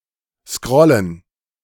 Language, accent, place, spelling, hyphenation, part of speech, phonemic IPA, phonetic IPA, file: German, Germany, Berlin, scrollen, scrol‧len, verb, /ˈskʁɔlən/, [ˈskʁɔln̩], De-scrollen.ogg
- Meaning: to scroll